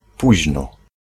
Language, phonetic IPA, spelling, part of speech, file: Polish, [ˈpuʑnɔ], późno, adverb, Pl-późno.ogg